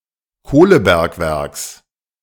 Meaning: genitive singular of Kohlebergwerk
- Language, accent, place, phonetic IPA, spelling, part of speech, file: German, Germany, Berlin, [ˈkoːləˌbɛʁkvɛʁks], Kohlebergwerks, noun, De-Kohlebergwerks.ogg